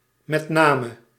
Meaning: especially, in particular
- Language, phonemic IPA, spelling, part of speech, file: Dutch, /mɛt ˈnamə/, met name, phrase, Nl-met name.ogg